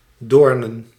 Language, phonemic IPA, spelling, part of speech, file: Dutch, /ˈdornə(n)/, doornen, adjective / noun, Nl-doornen.ogg
- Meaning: plural of doorn